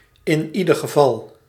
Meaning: abbreviation of in ieder geval
- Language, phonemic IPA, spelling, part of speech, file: Dutch, /ɪnˈidərɣəˌvɑl/, i.i.g., adverb, Nl-i.i.g..ogg